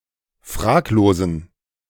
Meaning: inflection of fraglos: 1. strong genitive masculine/neuter singular 2. weak/mixed genitive/dative all-gender singular 3. strong/weak/mixed accusative masculine singular 4. strong dative plural
- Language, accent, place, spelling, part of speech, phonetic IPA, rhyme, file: German, Germany, Berlin, fraglosen, adjective, [ˈfʁaːkloːzn̩], -aːkloːzn̩, De-fraglosen.ogg